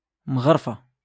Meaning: ladle
- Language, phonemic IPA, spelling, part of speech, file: Moroccan Arabic, /mɣar.fa/, مغرفة, noun, LL-Q56426 (ary)-مغرفة.wav